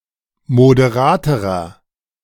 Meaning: inflection of moderat: 1. strong/mixed nominative masculine singular comparative degree 2. strong genitive/dative feminine singular comparative degree 3. strong genitive plural comparative degree
- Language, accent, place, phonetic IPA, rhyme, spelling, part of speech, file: German, Germany, Berlin, [modeˈʁaːtəʁɐ], -aːtəʁɐ, moderaterer, adjective, De-moderaterer.ogg